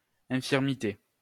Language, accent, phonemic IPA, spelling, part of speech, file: French, France, /ɛ̃.fiʁ.mi.te/, infirmité, noun, LL-Q150 (fra)-infirmité.wav
- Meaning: 1. disability, impairment 2. infirmity